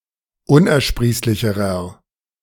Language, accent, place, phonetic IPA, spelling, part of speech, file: German, Germany, Berlin, [ˈʊnʔɛɐ̯ˌʃpʁiːslɪçəʁɐ], unersprießlicherer, adjective, De-unersprießlicherer.ogg
- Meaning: inflection of unersprießlich: 1. strong/mixed nominative masculine singular comparative degree 2. strong genitive/dative feminine singular comparative degree